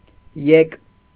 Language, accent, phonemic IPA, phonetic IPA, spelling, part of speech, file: Armenian, Eastern Armenian, /jek/, [jek], եկ, noun, Hy-եկ.ogg
- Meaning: 1. the act of coming, arrival 2. income